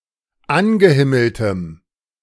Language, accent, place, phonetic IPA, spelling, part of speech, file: German, Germany, Berlin, [ˈanɡəˌhɪml̩təm], angehimmeltem, adjective, De-angehimmeltem.ogg
- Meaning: strong dative masculine/neuter singular of angehimmelt